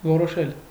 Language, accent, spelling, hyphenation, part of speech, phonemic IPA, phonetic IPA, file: Armenian, Eastern Armenian, որոշել, ո‧րո‧շել, verb, /voɾoˈʃel/, [voɾoʃél], Hy-որոշել.ogg
- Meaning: 1. to decide 2. to define, to determine